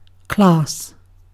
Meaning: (noun) A group, collection, category or set sharing characteristics or attributes
- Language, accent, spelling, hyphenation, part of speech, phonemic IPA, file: English, UK, class, class, noun / verb / adjective, /klɑːs/, En-uk-class.ogg